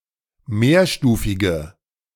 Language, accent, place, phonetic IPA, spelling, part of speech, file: German, Germany, Berlin, [ˈmeːɐ̯ˌʃtuːfɪɡə], mehrstufige, adjective, De-mehrstufige.ogg
- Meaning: inflection of mehrstufig: 1. strong/mixed nominative/accusative feminine singular 2. strong nominative/accusative plural 3. weak nominative all-gender singular